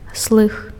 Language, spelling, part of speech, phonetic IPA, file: Belarusian, слых, noun, [sɫɨx], Be-слых.ogg
- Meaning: hearing (sense)